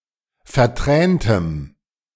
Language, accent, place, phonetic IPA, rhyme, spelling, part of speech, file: German, Germany, Berlin, [fɛɐ̯ˈtʁɛːntəm], -ɛːntəm, verträntem, adjective, De-verträntem.ogg
- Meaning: strong dative masculine/neuter singular of vertränt